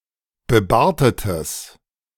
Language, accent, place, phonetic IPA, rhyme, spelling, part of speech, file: German, Germany, Berlin, [bəˈbaːɐ̯tətəs], -aːɐ̯tətəs, bebartetes, adjective, De-bebartetes.ogg
- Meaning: strong/mixed nominative/accusative neuter singular of bebartet